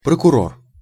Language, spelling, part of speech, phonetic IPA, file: Russian, прокурор, noun, [prəkʊˈror], Ru-прокурор.ogg
- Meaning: prosecutor, district attorney (a lawyer who decides whether to charge a person with a crime)